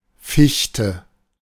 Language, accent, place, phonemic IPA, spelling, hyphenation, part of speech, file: German, Germany, Berlin, /ˈfɪçtə/, Fichte, Fich‧te, noun / proper noun, De-Fichte.ogg
- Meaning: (noun) 1. a spruce; the common tree (Picea) 2. spruce; the wood and timber of the tree; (proper noun) a surname